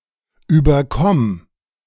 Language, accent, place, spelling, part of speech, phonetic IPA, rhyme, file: German, Germany, Berlin, überkomm, verb, [yːbɐˈkɔm], -ɔm, De-überkomm.ogg
- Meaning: singular imperative of überkommen